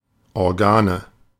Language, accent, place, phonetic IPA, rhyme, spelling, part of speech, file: German, Germany, Berlin, [ɔʁˈɡaːnə], -aːnə, Organe, noun, De-Organe.ogg
- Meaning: nominative/accusative/genitive plural of Organ